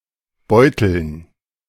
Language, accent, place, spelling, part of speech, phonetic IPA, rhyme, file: German, Germany, Berlin, Beuteln, noun, [ˈbɔɪ̯tl̩n], -ɔɪ̯tl̩n, De-Beuteln.ogg
- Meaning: 1. dative plural of Beutel 2. gerund of beuteln